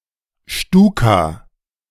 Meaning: 1. abbreviation of Sturzkampfbomber or Sturzkampfflugzeug 2. abbreviation of Sturzkampfbomber or Sturzkampfflugzeug: a Ju-87 Stuka
- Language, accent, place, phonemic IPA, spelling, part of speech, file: German, Germany, Berlin, /ˈʃtuːka/, Stuka, noun, De-Stuka.ogg